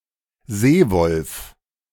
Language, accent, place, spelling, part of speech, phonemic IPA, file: German, Germany, Berlin, Seewolf, noun, /ˈzeːvɔlf/, De-Seewolf.ogg
- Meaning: wolffish